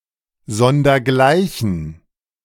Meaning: which has no equal, incomparable
- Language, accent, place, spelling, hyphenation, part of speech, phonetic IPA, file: German, Germany, Berlin, sondergleichen, son‧der‧glei‧chen, prepositional phrase, [ˈzɔndɐˈɡlaɪ̯çn̩], De-sondergleichen.ogg